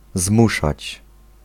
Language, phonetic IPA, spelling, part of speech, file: Polish, [ˈzmuʃat͡ɕ], zmuszać, verb, Pl-zmuszać.ogg